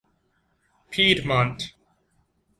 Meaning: An administrative region in the north of Italy
- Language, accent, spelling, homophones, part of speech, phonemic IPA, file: English, US, Piedmont, piedmont, proper noun, /ˈpiːdmɒnt/, En-us-Piedmont.ogg